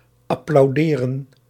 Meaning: to applaud
- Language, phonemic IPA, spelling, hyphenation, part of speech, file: Dutch, /ɑplɑu̯ˈdeːrə(n)/, applauderen, ap‧plau‧de‧ren, verb, Nl-applauderen.ogg